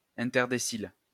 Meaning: interdecile
- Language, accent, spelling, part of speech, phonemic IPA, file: French, France, interdécile, adjective, /ɛ̃.tɛʁ.de.sil/, LL-Q150 (fra)-interdécile.wav